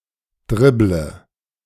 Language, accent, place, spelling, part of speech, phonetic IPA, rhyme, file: German, Germany, Berlin, dribble, verb, [ˈdʁɪblə], -ɪblə, De-dribble.ogg
- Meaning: inflection of dribbeln: 1. first-person singular present 2. singular imperative 3. first/third-person singular subjunctive I